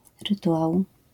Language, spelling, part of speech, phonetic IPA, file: Polish, rytuał, noun, [rɨˈtuʷaw], LL-Q809 (pol)-rytuał.wav